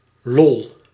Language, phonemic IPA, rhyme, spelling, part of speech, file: Dutch, /lɔl/, -ɔl, lol, noun / interjection, Nl-lol.ogg
- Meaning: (noun) fun; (interjection) LOL ("laughing out loud", expression of mirth)